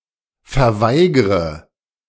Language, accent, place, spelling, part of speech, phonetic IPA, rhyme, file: German, Germany, Berlin, verweigre, verb, [fɛɐ̯ˈvaɪ̯ɡʁə], -aɪ̯ɡʁə, De-verweigre.ogg
- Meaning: inflection of verweigern: 1. first-person singular present 2. first/third-person singular subjunctive I 3. singular imperative